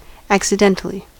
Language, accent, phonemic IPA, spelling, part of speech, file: English, US, /ˌæk.sɪˈdɛnt(ə)li/, accidentally, adverb, En-us-accidentally.ogg
- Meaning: 1. In an accidental manner; by chance, unexpectedly 2. Unintentionally